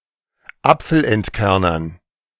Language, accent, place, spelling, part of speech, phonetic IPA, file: German, Germany, Berlin, Apfelentkernern, noun, [ˈap͡fl̩ʔɛntˌkɛʁnɐn], De-Apfelentkernern.ogg
- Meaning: dative plural of Apfelentkerner